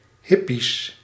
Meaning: plural of hippie
- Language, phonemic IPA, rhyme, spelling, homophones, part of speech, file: Dutch, /ˈɦɪ.pis/, -ɪpis, hippies, hippisch, noun, Nl-hippies.ogg